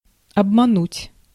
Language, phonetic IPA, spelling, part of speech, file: Russian, [ɐbmɐˈnutʲ], обмануть, verb, Ru-обмануть.ogg
- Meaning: 1. to deceive, to cheat, to trick, to swindle 2. to disappoint, to let down